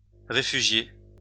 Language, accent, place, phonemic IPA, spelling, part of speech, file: French, France, Lyon, /ʁe.fy.ʒje/, réfugiée, verb, LL-Q150 (fra)-réfugiée.wav
- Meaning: feminine singular of réfugié